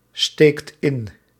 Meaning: inflection of insteken: 1. second/third-person singular present indicative 2. plural imperative
- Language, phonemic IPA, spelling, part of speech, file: Dutch, /ˈstekt ˈɪn/, steekt in, verb, Nl-steekt in.ogg